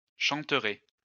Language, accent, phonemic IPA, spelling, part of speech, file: French, France, /ʃɑ̃.tʁe/, chanterez, verb, LL-Q150 (fra)-chanterez.wav
- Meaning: second-person plural future of chanter